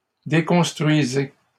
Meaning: inflection of déconstruire: 1. second-person plural present indicative 2. second-person plural imperative
- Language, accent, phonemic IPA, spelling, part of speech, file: French, Canada, /de.kɔ̃s.tʁɥi.ze/, déconstruisez, verb, LL-Q150 (fra)-déconstruisez.wav